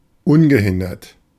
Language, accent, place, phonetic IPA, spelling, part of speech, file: German, Germany, Berlin, [ˈʊnbəˌhɪndɐt], ungehindert, adjective, De-ungehindert.ogg
- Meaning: 1. unhindered 2. unimpeded